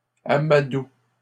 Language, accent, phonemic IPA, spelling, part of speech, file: French, Canada, /a.ma.du/, amadoue, verb, LL-Q150 (fra)-amadoue.wav
- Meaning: inflection of amadouer: 1. first/third-person singular present indicative/subjunctive 2. second-person singular imperative